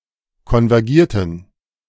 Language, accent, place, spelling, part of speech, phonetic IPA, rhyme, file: German, Germany, Berlin, konvergierten, verb, [kɔnvɛʁˈɡiːɐ̯tn̩], -iːɐ̯tn̩, De-konvergierten.ogg
- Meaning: inflection of konvergieren: 1. first/third-person plural preterite 2. first/third-person plural subjunctive II